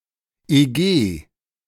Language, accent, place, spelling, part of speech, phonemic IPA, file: German, Germany, Berlin, EG, noun / proper noun, /eˈɡeː/, De-EG.ogg
- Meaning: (noun) abbreviation of Erdgeschoss; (proper noun) 1. initialism of Europäische Gemeinschaft 2. initialism of Ende Gelände